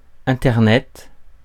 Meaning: the Internet
- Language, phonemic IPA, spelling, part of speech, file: French, /ɛ̃.tɛʁ.nɛt/, internet, noun, Fr-internet.ogg